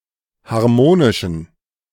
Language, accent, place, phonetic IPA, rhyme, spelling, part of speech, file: German, Germany, Berlin, [haʁˈmoːnɪʃn̩], -oːnɪʃn̩, harmonischen, adjective, De-harmonischen.ogg
- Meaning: inflection of harmonisch: 1. strong genitive masculine/neuter singular 2. weak/mixed genitive/dative all-gender singular 3. strong/weak/mixed accusative masculine singular 4. strong dative plural